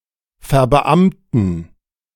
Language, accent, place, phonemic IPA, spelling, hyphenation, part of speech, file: German, Germany, Berlin, /fɛɐ̯bəˈʔamtn̩/, verbeamten, ver‧be‧am‧ten, verb, De-verbeamten.ogg
- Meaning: transferring a public servant to non-terminable tenure